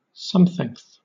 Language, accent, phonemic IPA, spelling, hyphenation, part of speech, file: English, Southern England, /ˈsʌmθɪŋθ/, somethingth, some‧thingth, adjective, LL-Q1860 (eng)-somethingth.wav
- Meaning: Used to indicate the position of a number which is uncertain or unimportant